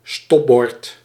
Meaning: stop sign
- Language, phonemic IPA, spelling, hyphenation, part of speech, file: Dutch, /ˈstɔp.bɔrt/, stopbord, stop‧bord, noun, Nl-stopbord.ogg